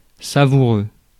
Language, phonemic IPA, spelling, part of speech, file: French, /sa.vu.ʁø/, savoureux, adjective, Fr-savoureux.ogg
- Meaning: tasty